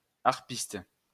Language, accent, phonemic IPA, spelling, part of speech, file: French, France, /aʁ.pist/, harpiste, noun, LL-Q150 (fra)-harpiste.wav
- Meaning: harpist